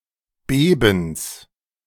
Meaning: genitive singular of Beben
- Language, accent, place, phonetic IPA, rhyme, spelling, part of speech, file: German, Germany, Berlin, [ˈbeːbn̩s], -eːbn̩s, Bebens, noun, De-Bebens.ogg